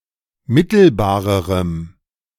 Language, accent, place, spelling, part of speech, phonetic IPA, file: German, Germany, Berlin, mittelbarerem, adjective, [ˈmɪtl̩baːʁəʁəm], De-mittelbarerem.ogg
- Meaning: strong dative masculine/neuter singular comparative degree of mittelbar